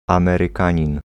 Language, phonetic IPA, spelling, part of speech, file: Polish, [ˌãmɛrɨˈkãɲĩn], Amerykanin, noun, Pl-Amerykanin.ogg